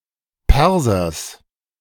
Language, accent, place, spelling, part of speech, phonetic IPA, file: German, Germany, Berlin, Persers, noun, [ˈpɛʁzɐs], De-Persers.ogg
- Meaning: genitive of Perser